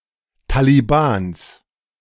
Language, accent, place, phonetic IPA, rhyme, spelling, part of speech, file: German, Germany, Berlin, [ˌtaliˈbaːns], -aːns, Talibans, noun, De-Talibans.ogg
- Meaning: genitive singular of Taliban